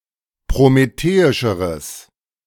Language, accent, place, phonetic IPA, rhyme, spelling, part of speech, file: German, Germany, Berlin, [pʁomeˈteːɪʃəʁəs], -eːɪʃəʁəs, prometheischeres, adjective, De-prometheischeres.ogg
- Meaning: strong/mixed nominative/accusative neuter singular comparative degree of prometheisch